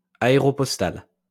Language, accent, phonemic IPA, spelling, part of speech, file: French, France, /a.e.ʁɔ.pɔs.tal/, aéropostal, adjective, LL-Q150 (fra)-aéropostal.wav
- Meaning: airmail